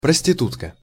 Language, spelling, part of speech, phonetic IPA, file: Russian, проститутка, noun, [prəsʲtʲɪˈtutkə], Ru-проститутка.ogg
- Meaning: whore, prostitute